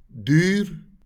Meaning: expensive
- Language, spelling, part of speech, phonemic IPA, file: Afrikaans, duur, adjective, /dyr/, LL-Q14196 (afr)-duur.wav